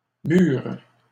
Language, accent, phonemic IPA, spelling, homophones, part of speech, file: French, Canada, /myʁ/, murent, mur / mûr / mûre / mûres / murs / mûrs, verb, LL-Q150 (fra)-murent.wav
- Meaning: third-person plural past historic of mouvoir